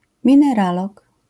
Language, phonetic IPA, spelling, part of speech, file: Polish, [ˌmʲĩnɛˈralɔk], mineralog, noun, LL-Q809 (pol)-mineralog.wav